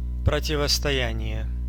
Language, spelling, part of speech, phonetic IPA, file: Russian, противостояние, noun, [prətʲɪvəstɐˈjænʲɪje], Ru-противостояние.ogg
- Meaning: 1. confrontation, face-off 2. opposition